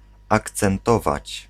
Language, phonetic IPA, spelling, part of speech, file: Polish, [ˌakt͡sɛ̃nˈtɔvat͡ɕ], akcentować, verb, Pl-akcentować.ogg